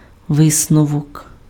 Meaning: 1. conclusion 2. inference
- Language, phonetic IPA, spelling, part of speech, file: Ukrainian, [ˈʋɪsnɔwɔk], висновок, noun, Uk-висновок.ogg